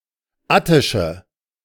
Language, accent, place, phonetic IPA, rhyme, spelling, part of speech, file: German, Germany, Berlin, [ˈatɪʃə], -atɪʃə, attische, adjective, De-attische.ogg
- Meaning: inflection of attisch: 1. strong/mixed nominative/accusative feminine singular 2. strong nominative/accusative plural 3. weak nominative all-gender singular 4. weak accusative feminine/neuter singular